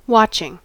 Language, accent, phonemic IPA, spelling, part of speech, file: English, US, /ˈwɑt͡ʃɪŋ/, watching, verb / noun, En-us-watching.ogg
- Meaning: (verb) present participle and gerund of watch; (noun) The act of one who watches